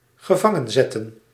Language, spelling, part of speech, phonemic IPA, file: Dutch, gevangenzetten, verb, /ɣəˈvɑŋə(n)zɛtə(n)/, Nl-gevangenzetten.ogg
- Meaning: to incarcerate